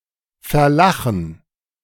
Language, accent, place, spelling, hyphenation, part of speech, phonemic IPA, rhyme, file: German, Germany, Berlin, verlachen, ver‧la‧chen, verb, /fɛɐ̯ˈlaxn̩/, -axn̩, De-verlachen.ogg
- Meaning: to laugh at